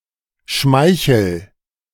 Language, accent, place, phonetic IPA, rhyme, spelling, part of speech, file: German, Germany, Berlin, [ˈʃmaɪ̯çl̩], -aɪ̯çl̩, schmeichel, verb, De-schmeichel.ogg
- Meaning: inflection of schmeicheln: 1. first-person singular present 2. singular imperative